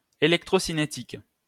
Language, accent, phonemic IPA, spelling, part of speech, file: French, France, /e.lɛk.tʁo.si.ne.tik/, électrocinétique, adjective, LL-Q150 (fra)-électrocinétique.wav
- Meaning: electrokinetic